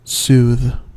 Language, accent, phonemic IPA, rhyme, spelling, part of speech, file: English, US, /suːð/, -uːð, soothe, verb, En-us-soothe.ogg
- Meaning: 1. To restore to ease, comfort, or tranquility; relieve; calm; quiet; refresh 2. To allay; assuage; mitigate; soften 3. To smooth over; render less obnoxious